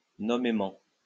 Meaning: namely (specifically)
- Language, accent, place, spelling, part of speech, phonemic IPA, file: French, France, Lyon, nommément, adverb, /nɔ.me.mɑ̃/, LL-Q150 (fra)-nommément.wav